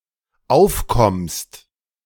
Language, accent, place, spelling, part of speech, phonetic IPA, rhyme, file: German, Germany, Berlin, aufkommst, verb, [ˈaʊ̯fˌkɔmst], -aʊ̯fkɔmst, De-aufkommst.ogg
- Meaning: second-person singular dependent present of aufkommen